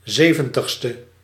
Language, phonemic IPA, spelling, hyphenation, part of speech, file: Dutch, /ˈseːvə(n)təx.stə/, zeventigste, ze‧ven‧tig‧ste, adjective, Nl-zeventigste.ogg
- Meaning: seventieth